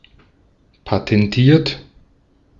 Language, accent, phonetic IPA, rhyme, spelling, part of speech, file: German, Austria, [patɛnˈtiːɐ̯t], -iːɐ̯t, patentiert, adjective / verb, De-at-patentiert.ogg
- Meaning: 1. past participle of patentieren 2. inflection of patentieren: third-person singular present 3. inflection of patentieren: second-person plural present 4. inflection of patentieren: plural imperative